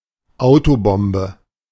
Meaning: car bomb
- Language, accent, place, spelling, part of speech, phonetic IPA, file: German, Germany, Berlin, Autobombe, noun, [ˈaʊ̯toˌbɔmbə], De-Autobombe.ogg